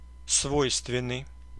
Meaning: inherent, typical (of, for), peculiar (to)
- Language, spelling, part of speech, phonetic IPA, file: Russian, свойственный, adjective, [ˈsvojstvʲɪn(ː)ɨj], Ru-свойственный.ogg